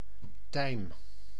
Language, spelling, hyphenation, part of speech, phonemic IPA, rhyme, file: Dutch, tijm, tijm, noun, /tɛi̯m/, -ɛi̯m, Nl-tijm.ogg
- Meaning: 1. thyme, plant of the genus Thymus 2. thyme, herb from these plants